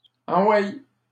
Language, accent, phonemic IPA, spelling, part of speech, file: French, Canada, /ɑ̃.wɛj/, enweille, interjection, LL-Q150 (fra)-enweille.wav
- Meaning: alternative form of envoye